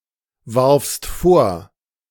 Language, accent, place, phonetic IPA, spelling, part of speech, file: German, Germany, Berlin, [ˌvaʁfst ˈfoːɐ̯], warfst vor, verb, De-warfst vor.ogg
- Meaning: second-person singular preterite of vorwerfen